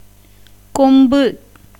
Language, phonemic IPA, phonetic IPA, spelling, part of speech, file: Tamil, /kombɯ/, [ko̞mbɯ], கொம்பு, noun, Ta-கொம்பு.ogg
- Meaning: 1. horn, tusk 2. horn, pipe, cornet 3. branch, bough, twig 4. pole, stick, staff 5. name of the letter ள (ḷa) 6. name of the symbol ெ